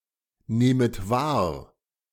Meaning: second-person plural subjunctive I of wahrnehmen
- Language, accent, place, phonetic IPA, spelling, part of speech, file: German, Germany, Berlin, [ˌneːmət ˈvaːɐ̯], nehmet wahr, verb, De-nehmet wahr.ogg